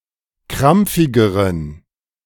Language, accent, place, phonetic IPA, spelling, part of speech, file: German, Germany, Berlin, [ˈkʁamp͡fɪɡəʁən], krampfigeren, adjective, De-krampfigeren.ogg
- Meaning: inflection of krampfig: 1. strong genitive masculine/neuter singular comparative degree 2. weak/mixed genitive/dative all-gender singular comparative degree